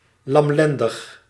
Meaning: 1. feckless 2. miserable
- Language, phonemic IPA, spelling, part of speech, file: Dutch, /lɑmˈlɛn.dəx/, lamlendig, adjective, Nl-lamlendig.ogg